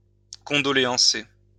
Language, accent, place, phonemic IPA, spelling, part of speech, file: French, France, Lyon, /kɔ̃.dɔ.le.ɑ̃.se/, condoléancer, verb, LL-Q150 (fra)-condoléancer.wav
- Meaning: to condole